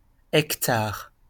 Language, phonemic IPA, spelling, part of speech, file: French, /ɛk.taʁ/, hectare, noun / verb, LL-Q150 (fra)-hectare.wav
- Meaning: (noun) hectare; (verb) inflection of hectarer: 1. first/third-person singular present indicative/subjunctive 2. second-person singular imperative